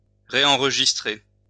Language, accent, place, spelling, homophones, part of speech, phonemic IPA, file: French, France, Lyon, réenregistrer, réenregistrai / réenregistré / réenregistrée / réenregistrées / réenregistrés / réenregistrez, verb, /ʁe.ɑ̃ʁ.ʒis.tʁe/, LL-Q150 (fra)-réenregistrer.wav
- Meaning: to rerecord